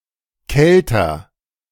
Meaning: comparative degree of kalt
- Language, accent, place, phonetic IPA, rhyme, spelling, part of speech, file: German, Germany, Berlin, [ˈkɛltɐ], -ɛltɐ, kälter, adjective, De-kälter.ogg